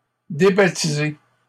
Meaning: 1. to remove a person from the parish register (expel them from the church) 2. to rename
- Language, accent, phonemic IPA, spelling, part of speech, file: French, Canada, /de.ba.ti.ze/, débaptiser, verb, LL-Q150 (fra)-débaptiser.wav